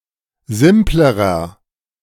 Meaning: inflection of simpel: 1. strong/mixed nominative masculine singular comparative degree 2. strong genitive/dative feminine singular comparative degree 3. strong genitive plural comparative degree
- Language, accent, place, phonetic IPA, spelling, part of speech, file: German, Germany, Berlin, [ˈzɪmpləʁɐ], simplerer, adjective, De-simplerer.ogg